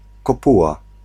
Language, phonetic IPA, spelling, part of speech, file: Polish, [kɔˈpuwa], kopuła, noun, Pl-kopuła.ogg